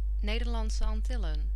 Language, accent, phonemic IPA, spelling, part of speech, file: Dutch, Netherlands, /ˈneː.dərˌlɑnt.sə ˌɑnˈtɪ.lə(n)/, Nederlandse Antillen, proper noun, Nl-Nederlandse Antillen.ogg
- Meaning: Netherlands Antilles